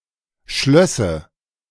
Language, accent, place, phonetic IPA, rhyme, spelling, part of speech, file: German, Germany, Berlin, [ˈʃlœsə], -œsə, schlösse, verb, De-schlösse.ogg
- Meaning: first/third-person singular subjunctive II of schließen